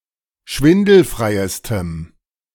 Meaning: strong dative masculine/neuter singular superlative degree of schwindelfrei
- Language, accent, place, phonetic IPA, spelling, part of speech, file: German, Germany, Berlin, [ˈʃvɪndl̩fʁaɪ̯əstəm], schwindelfreiestem, adjective, De-schwindelfreiestem.ogg